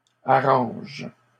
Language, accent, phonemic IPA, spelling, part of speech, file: French, Canada, /a.ʁɑ̃ʒ/, arrangent, verb, LL-Q150 (fra)-arrangent.wav
- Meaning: third-person plural present indicative/subjunctive of arranger